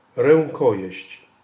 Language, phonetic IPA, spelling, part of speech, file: Polish, [rɛ̃ŋˈkɔjɛ̇ɕt͡ɕ], rękojeść, noun, Pl-rękojeść.ogg